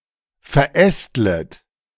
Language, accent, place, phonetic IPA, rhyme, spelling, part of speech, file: German, Germany, Berlin, [fɛɐ̯ˈʔɛstlət], -ɛstlət, verästlet, verb, De-verästlet.ogg
- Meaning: second-person plural subjunctive I of verästeln